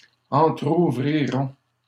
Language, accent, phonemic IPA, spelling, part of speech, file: French, Canada, /ɑ̃.tʁu.vʁi.ʁɔ̃/, entrouvriront, verb, LL-Q150 (fra)-entrouvriront.wav
- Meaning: third-person plural simple future of entrouvrir